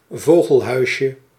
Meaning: diminutive of vogelhuis
- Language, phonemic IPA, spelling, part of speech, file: Dutch, /ˈvoɣəlˌhœyʃə/, vogelhuisje, noun, Nl-vogelhuisje.ogg